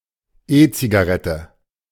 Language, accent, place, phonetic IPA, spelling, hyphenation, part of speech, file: German, Germany, Berlin, [ˈeːt͡siɡaˌʁɛtə], E-Zigarette, E-Zi‧ga‧ret‧te, noun, De-E-Zigarette.ogg
- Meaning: e-cigarette